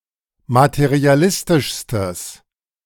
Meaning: strong/mixed nominative/accusative neuter singular superlative degree of materialistisch
- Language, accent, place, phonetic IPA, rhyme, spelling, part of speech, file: German, Germany, Berlin, [matəʁiaˈlɪstɪʃstəs], -ɪstɪʃstəs, materialistischstes, adjective, De-materialistischstes.ogg